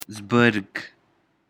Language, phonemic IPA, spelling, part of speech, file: Pashto, /ˈzbərɡ/, زبرګ, adjective, Zbarg.ogg
- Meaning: 1. holy 2. saintly